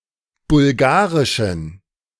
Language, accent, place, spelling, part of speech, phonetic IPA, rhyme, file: German, Germany, Berlin, bulgarischen, adjective, [bʊlˈɡaːʁɪʃn̩], -aːʁɪʃn̩, De-bulgarischen.ogg
- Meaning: inflection of bulgarisch: 1. strong genitive masculine/neuter singular 2. weak/mixed genitive/dative all-gender singular 3. strong/weak/mixed accusative masculine singular 4. strong dative plural